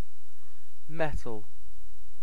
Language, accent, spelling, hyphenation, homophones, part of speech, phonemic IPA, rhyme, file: English, UK, metal, met‧al, mettle, noun / adjective / verb, /ˈmɛ.təl/, -ɛtəl, En-uk-metal.ogg